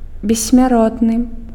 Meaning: immortal
- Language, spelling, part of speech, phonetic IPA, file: Belarusian, бессмяротны, adjective, [bʲesʲːmʲaˈrotnɨ], Be-бессмяротны.ogg